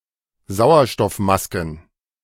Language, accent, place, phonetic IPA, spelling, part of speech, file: German, Germany, Berlin, [ˈzaʊ̯ɐʃtɔfˌmaskn̩], Sauerstoffmasken, noun, De-Sauerstoffmasken.ogg
- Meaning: plural of Sauerstoffmaske